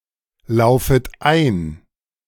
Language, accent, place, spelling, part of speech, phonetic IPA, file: German, Germany, Berlin, laufet ein, verb, [ˌlaʊ̯fət ˈaɪ̯n], De-laufet ein.ogg
- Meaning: second-person plural subjunctive I of einlaufen